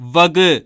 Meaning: 1. to classify, sort 2. to divide, separate 3. to apportion, to distribute 4. to assign, to appoint
- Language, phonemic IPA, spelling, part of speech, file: Tamil, /ʋɐɡɯ/, வகு, verb, வகு- Pronunciation in Tamil.ogg